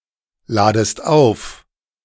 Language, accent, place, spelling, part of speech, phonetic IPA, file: German, Germany, Berlin, ladest auf, verb, [ˌlaːdəst ˈaʊ̯f], De-ladest auf.ogg
- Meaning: second-person singular subjunctive I of aufladen